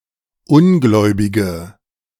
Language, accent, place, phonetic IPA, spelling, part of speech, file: German, Germany, Berlin, [ˈʊnˌɡlɔɪ̯bɪɡə], ungläubige, adjective, De-ungläubige.ogg
- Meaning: inflection of ungläubig: 1. strong/mixed nominative/accusative feminine singular 2. strong nominative/accusative plural 3. weak nominative all-gender singular